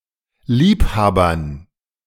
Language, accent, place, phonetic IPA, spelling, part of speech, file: German, Germany, Berlin, [ˈliːpˌhaːbɐn], Liebhabern, noun, De-Liebhabern.ogg
- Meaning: dative plural of Liebhaber